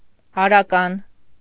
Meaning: 1. male 2. masculine
- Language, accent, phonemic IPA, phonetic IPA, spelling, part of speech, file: Armenian, Eastern Armenian, /ɑɾɑˈkɑn/, [ɑɾɑkɑ́n], արական, adjective, Hy-արական.ogg